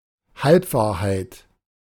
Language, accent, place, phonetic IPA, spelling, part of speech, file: German, Germany, Berlin, [ˈhalpˌvaːɐ̯haɪ̯t], Halbwahrheit, noun, De-Halbwahrheit.ogg
- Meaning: half-truth